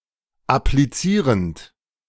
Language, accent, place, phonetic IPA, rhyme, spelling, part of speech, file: German, Germany, Berlin, [apliˈt͡siːʁənt], -iːʁənt, applizierend, verb, De-applizierend.ogg
- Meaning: present participle of applizieren